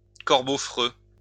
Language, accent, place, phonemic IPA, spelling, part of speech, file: French, France, Lyon, /kɔʁ.bo fʁø/, corbeau freux, noun, LL-Q150 (fra)-corbeau freux.wav
- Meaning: rook (bird)